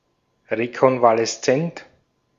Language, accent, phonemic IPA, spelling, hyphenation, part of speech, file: German, Austria, /ʁekɔnvalɛsˈt͡sɛnt/, rekonvaleszent, re‧kon‧va‧les‧zent, adjective, De-at-rekonvaleszent.ogg
- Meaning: convalescent